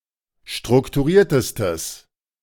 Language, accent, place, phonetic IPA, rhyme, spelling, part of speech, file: German, Germany, Berlin, [ˌʃtʁʊktuˈʁiːɐ̯təstəs], -iːɐ̯təstəs, strukturiertestes, adjective, De-strukturiertestes.ogg
- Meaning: strong/mixed nominative/accusative neuter singular superlative degree of strukturiert